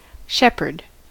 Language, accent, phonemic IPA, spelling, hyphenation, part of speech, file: English, General American, /ˈʃɛpəɹd/, shepherd, shep‧herd, noun / verb, En-us-shepherd.ogg
- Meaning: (noun) 1. A person who tends sheep, especially a grazing flock 2. A person who tends sheep, especially a grazing flock.: A male sheep tender